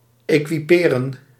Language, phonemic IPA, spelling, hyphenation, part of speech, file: Dutch, /ˌeːkiˈpeːrə(n)/, equiperen, equi‧pe‧ren, verb, Nl-equiperen.ogg
- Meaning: to equip, to supply